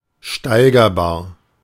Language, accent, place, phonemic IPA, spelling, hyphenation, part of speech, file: German, Germany, Berlin, /ˈʃtaɪ̯ɡɐˌbaːɐ̯/, steigerbar, stei‧ger‧bar, adjective, De-steigerbar.ogg
- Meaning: 1. augmentable 2. comparable